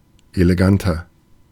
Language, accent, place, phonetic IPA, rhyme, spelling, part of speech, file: German, Germany, Berlin, [eleˈɡantɐ], -antɐ, eleganter, adjective, De-eleganter.ogg
- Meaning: 1. comparative degree of elegant 2. inflection of elegant: strong/mixed nominative masculine singular 3. inflection of elegant: strong genitive/dative feminine singular